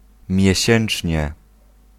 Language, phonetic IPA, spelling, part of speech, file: Polish, [mʲjɛ̇ˈɕɛ̃n͇t͡ʃʲɲɛ], miesięcznie, adverb, Pl-miesięcznie.ogg